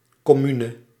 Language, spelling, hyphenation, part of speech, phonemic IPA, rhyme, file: Dutch, commune, com‧mu‧ne, noun, /ˌkɔˈmynə/, -ynə, Nl-commune.ogg
- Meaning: a commune (community living together with common property)